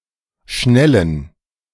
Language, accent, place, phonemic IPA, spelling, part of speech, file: German, Germany, Berlin, /ʃnɛln̩/, schnellen, adjective / verb, De-schnellen.ogg
- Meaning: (adjective) inflection of schnell: 1. strong genitive masculine/neuter singular 2. weak/mixed genitive/dative all-gender singular 3. strong/weak/mixed accusative masculine singular